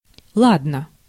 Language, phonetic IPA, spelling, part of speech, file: Russian, [ˈɫadnə], ладно, interjection, Ru-ладно.ogg
- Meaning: well, all right, okay